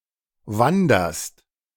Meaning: second-person singular present of wandern
- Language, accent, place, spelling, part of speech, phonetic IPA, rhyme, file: German, Germany, Berlin, wanderst, verb, [ˈvandɐst], -andɐst, De-wanderst.ogg